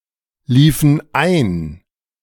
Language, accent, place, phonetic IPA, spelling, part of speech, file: German, Germany, Berlin, [ˌliːfən ˈaɪ̯n], liefen ein, verb, De-liefen ein.ogg
- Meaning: inflection of einlaufen: 1. first/third-person plural preterite 2. first/third-person plural subjunctive II